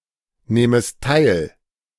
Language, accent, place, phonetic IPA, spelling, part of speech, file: German, Germany, Berlin, [ˌnɛːməst ˈtaɪ̯l], nähmest teil, verb, De-nähmest teil.ogg
- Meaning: second-person singular subjunctive II of teilnehmen